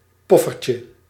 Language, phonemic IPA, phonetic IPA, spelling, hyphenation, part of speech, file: Dutch, /ˈpɔ.fər.tjə/, [ˈpɔ.fər.cə], poffertje, pof‧fer‧tje, noun, Nl-poffertje.ogg
- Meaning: poffertje, a small Dutch puffed pancake, a baby pancake